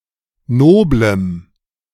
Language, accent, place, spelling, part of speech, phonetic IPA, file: German, Germany, Berlin, noblem, adjective, [ˈnoːbləm], De-noblem.ogg
- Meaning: strong dative masculine/neuter singular of nobel